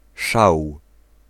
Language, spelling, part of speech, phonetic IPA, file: Polish, szał, noun, [ʃaw], Pl-szał.ogg